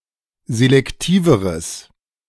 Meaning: strong/mixed nominative/accusative neuter singular comparative degree of selektiv
- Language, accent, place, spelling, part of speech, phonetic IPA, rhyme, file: German, Germany, Berlin, selektiveres, adjective, [zelɛkˈtiːvəʁəs], -iːvəʁəs, De-selektiveres.ogg